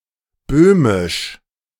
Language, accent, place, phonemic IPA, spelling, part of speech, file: German, Germany, Berlin, /ˈbøːmɪʃ/, böhmisch, adjective, De-böhmisch.ogg
- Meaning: Bohemian, Czech